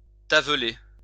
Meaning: to become spotted, or speckled (referring to the skin of certain animals)
- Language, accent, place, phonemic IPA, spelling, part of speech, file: French, France, Lyon, /ta.vle/, taveler, verb, LL-Q150 (fra)-taveler.wav